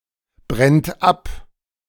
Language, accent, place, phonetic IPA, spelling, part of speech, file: German, Germany, Berlin, [ˌbʁɛnt ˈap], brennt ab, verb, De-brennt ab.ogg
- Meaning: inflection of abbrennen: 1. third-person singular present 2. second-person plural present 3. plural imperative